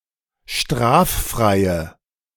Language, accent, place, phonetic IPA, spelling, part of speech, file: German, Germany, Berlin, [ˈʃtʁaːfˌfʁaɪ̯ə], straffreie, adjective, De-straffreie.ogg
- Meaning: inflection of straffrei: 1. strong/mixed nominative/accusative feminine singular 2. strong nominative/accusative plural 3. weak nominative all-gender singular